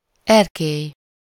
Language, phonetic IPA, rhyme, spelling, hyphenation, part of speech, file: Hungarian, [ˈɛrkeːj], -eːj, erkély, er‧kély, noun, Hu-erkély.ogg
- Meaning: balcony